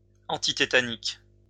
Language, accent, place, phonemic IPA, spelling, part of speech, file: French, France, Lyon, /ɑ̃.ti.te.ta.nik/, antitétanique, adjective, LL-Q150 (fra)-antitétanique.wav
- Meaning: antitetanic, antitetanus